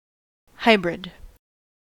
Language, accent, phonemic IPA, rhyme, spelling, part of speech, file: English, US, /ˈhaɪ.bɹɪd/, -aɪbɹɪd, hybrid, noun / adjective, En-us-hybrid.ogg
- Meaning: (noun) Offspring resulting from cross-breeding different entities, e.g. two different species or two purebred parent strains